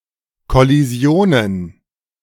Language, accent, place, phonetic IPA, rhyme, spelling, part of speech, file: German, Germany, Berlin, [kɔliˈzi̯oːnən], -oːnən, Kollisionen, noun, De-Kollisionen.ogg
- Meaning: plural of Kollision